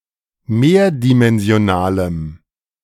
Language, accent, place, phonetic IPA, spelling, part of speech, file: German, Germany, Berlin, [ˈmeːɐ̯dimɛnzi̯oˌnaːləm], mehrdimensionalem, adjective, De-mehrdimensionalem.ogg
- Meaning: strong dative masculine/neuter singular of mehrdimensional